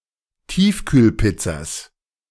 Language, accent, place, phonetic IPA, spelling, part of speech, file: German, Germany, Berlin, [ˈtiːfkyːlˌpɪt͡sas], Tiefkühlpizzas, noun, De-Tiefkühlpizzas.ogg
- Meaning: plural of Tiefkühlpizza